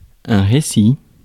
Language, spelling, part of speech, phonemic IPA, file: French, récit, noun, /ʁe.si/, Fr-récit.ogg
- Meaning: 1. recital 2. account, narrative, tale 3. swell division of a pipe organ